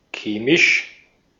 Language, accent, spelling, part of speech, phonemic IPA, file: German, Austria, chemisch, adjective, /ˈkeːmɪʃ/, De-at-chemisch.ogg
- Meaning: chemical